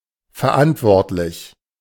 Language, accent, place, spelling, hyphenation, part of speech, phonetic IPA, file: German, Germany, Berlin, verantwortlich, ver‧ant‧wort‧lich, adjective, [fɛɐ̯ˈʔantvɔʁtlɪç], De-verantwortlich.ogg
- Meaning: 1. responsible 2. answerable